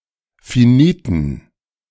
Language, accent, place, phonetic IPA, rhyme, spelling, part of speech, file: German, Germany, Berlin, [fiˈniːtn̩], -iːtn̩, finiten, adjective, De-finiten.ogg
- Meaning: inflection of finit: 1. strong genitive masculine/neuter singular 2. weak/mixed genitive/dative all-gender singular 3. strong/weak/mixed accusative masculine singular 4. strong dative plural